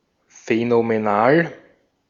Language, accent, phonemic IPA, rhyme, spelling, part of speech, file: German, Austria, /fɛnomeˈnaːl/, -aːl, phänomenal, adjective, De-at-phänomenal.ogg
- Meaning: phenomenal